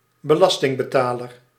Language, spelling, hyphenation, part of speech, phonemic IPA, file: Dutch, belastingbetaler, be‧las‧ting‧be‧ta‧ler, noun, /bəˈlɑs.tɪŋ.bəˌtaː.lər/, Nl-belastingbetaler.ogg
- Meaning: taxpayer